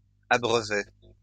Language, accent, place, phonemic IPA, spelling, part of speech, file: French, France, Lyon, /a.bʁœ.vɛ/, abreuvais, verb, LL-Q150 (fra)-abreuvais.wav
- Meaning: first/second-person singular imperfect indicative of abreuver